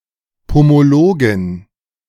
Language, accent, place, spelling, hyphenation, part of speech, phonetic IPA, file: German, Germany, Berlin, Pomologin, Po‧mo‧lo‧gin, noun, [pomoˈloːɡɪn], De-Pomologin.ogg
- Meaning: female equivalent of Pomologe